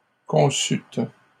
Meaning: second-person plural past historic of concevoir
- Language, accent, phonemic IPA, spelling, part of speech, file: French, Canada, /kɔ̃.syt/, conçûtes, verb, LL-Q150 (fra)-conçûtes.wav